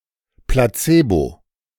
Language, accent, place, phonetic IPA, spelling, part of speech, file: German, Germany, Berlin, [plaˈt͡seːbo], Placebo, noun, De-Placebo.ogg
- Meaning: placebo